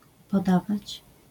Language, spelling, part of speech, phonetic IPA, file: Polish, podawać, verb, [pɔˈdavat͡ɕ], LL-Q809 (pol)-podawać.wav